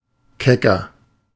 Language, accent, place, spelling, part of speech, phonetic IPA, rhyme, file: German, Germany, Berlin, kecker, adjective, [ˈkɛkɐ], -ɛkɐ, De-kecker.ogg
- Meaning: 1. comparative degree of keck 2. inflection of keck: strong/mixed nominative masculine singular 3. inflection of keck: strong genitive/dative feminine singular